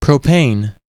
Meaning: 1. An aliphatic hydrocarbon, C₃H₈, a constituent of natural gas 2. LPG
- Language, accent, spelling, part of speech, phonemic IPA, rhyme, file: English, US, propane, noun, /ˈpɹoʊpeɪn/, -eɪn, En-us-propane.ogg